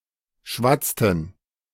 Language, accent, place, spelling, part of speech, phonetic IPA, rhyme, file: German, Germany, Berlin, schwatzten, verb, [ˈʃvat͡stn̩], -at͡stn̩, De-schwatzten.ogg
- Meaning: inflection of schwatzen: 1. first/third-person plural preterite 2. first/third-person plural subjunctive II